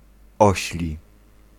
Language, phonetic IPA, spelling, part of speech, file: Polish, [ˈɔɕlʲi], ośli, adjective, Pl-ośli.ogg